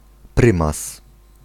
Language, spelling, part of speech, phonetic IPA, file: Polish, prymas, noun, [ˈprɨ̃mas], Pl-prymas.ogg